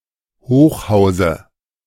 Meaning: dative singular of Hochhaus
- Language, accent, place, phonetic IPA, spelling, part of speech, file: German, Germany, Berlin, [ˈhoːxˌhaʊ̯zə], Hochhause, noun, De-Hochhause.ogg